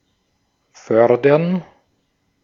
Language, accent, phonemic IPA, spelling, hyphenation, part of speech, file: German, Austria, /ˈfœrdərn/, fördern, för‧dern, verb, De-at-fördern.ogg
- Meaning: 1. to further, foster, advance, encourage, support (promote the development of) 2. to fund, co-fund, to provide financial aid for (a project etc.) 3. to mine (a resource), to win by mining